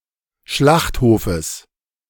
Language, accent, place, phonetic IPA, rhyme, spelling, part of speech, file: German, Germany, Berlin, [ˈʃlaxthoːfəs], -axthoːfəs, Schlachthofes, noun, De-Schlachthofes.ogg
- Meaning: genitive singular of Schlachthof